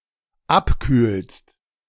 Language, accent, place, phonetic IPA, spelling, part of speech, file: German, Germany, Berlin, [ˈapˌkyːlst], abkühlst, verb, De-abkühlst.ogg
- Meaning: second-person singular dependent present of abkühlen